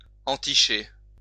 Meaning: to become infatuated, besotted (de (“with”))
- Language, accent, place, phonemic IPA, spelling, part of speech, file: French, France, Lyon, /ɑ̃.ti.ʃe/, enticher, verb, LL-Q150 (fra)-enticher.wav